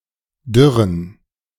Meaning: inflection of dürr: 1. strong genitive masculine/neuter singular 2. weak/mixed genitive/dative all-gender singular 3. strong/weak/mixed accusative masculine singular 4. strong dative plural
- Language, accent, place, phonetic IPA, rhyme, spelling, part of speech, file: German, Germany, Berlin, [ˈdʏʁən], -ʏʁən, dürren, adjective, De-dürren.ogg